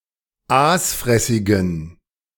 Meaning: inflection of aasfressig: 1. strong genitive masculine/neuter singular 2. weak/mixed genitive/dative all-gender singular 3. strong/weak/mixed accusative masculine singular 4. strong dative plural
- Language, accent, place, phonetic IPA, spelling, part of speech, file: German, Germany, Berlin, [ˈaːsˌfʁɛsɪɡn̩], aasfressigen, adjective, De-aasfressigen.ogg